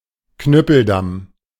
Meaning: corduroy road
- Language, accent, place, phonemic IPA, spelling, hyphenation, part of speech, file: German, Germany, Berlin, /ˈknʏpl̩ˌdam/, Knüppeldamm, Knüp‧pel‧damm, noun, De-Knüppeldamm.ogg